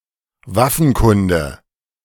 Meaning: knowledge about weapons
- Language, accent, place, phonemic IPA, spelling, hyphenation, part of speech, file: German, Germany, Berlin, /ˈvafn̩ˌkʊndə/, Waffenkunde, Waf‧fen‧kun‧de, noun, De-Waffenkunde.ogg